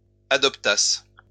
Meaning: first-person singular imperfect subjunctive of adopter
- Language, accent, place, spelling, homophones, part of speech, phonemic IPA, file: French, France, Lyon, adoptasse, adoptassent / adoptasses, verb, /a.dɔp.tas/, LL-Q150 (fra)-adoptasse.wav